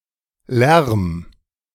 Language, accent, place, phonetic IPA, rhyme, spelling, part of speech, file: German, Germany, Berlin, [lɛʁm], -ɛʁm, lärm, verb, De-lärm.ogg
- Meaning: 1. singular imperative of lärmen 2. first-person singular present of lärmen